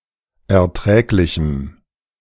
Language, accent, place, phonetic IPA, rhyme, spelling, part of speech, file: German, Germany, Berlin, [ɛɐ̯ˈtʁɛːklɪçm̩], -ɛːklɪçm̩, erträglichem, adjective, De-erträglichem.ogg
- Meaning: strong dative masculine/neuter singular of erträglich